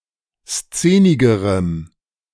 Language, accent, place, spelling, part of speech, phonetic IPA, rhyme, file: German, Germany, Berlin, szenigerem, adjective, [ˈst͡seːnɪɡəʁəm], -eːnɪɡəʁəm, De-szenigerem.ogg
- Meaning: strong dative masculine/neuter singular comparative degree of szenig